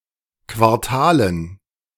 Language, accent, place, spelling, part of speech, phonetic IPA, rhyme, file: German, Germany, Berlin, Quartalen, noun, [ˌkvaʁˈtaːlən], -aːlən, De-Quartalen.ogg
- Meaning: dative plural of Quartal